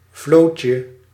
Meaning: diminutive of vloot
- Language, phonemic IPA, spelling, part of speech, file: Dutch, /ˈvlocə/, vlootje, noun, Nl-vlootje.ogg